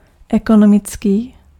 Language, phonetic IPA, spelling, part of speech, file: Czech, [ˈɛkonomɪt͡skiː], ekonomický, adjective, Cs-ekonomický.ogg
- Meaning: economic